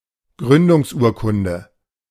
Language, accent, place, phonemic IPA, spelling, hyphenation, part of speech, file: German, Germany, Berlin, /ˈɡʁʏndʊŋsˌʔuːɐ̯kʊndə/, Gründungsurkunde, Grün‧dungs‧ur‧kun‧de, noun, De-Gründungsurkunde.ogg
- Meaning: charter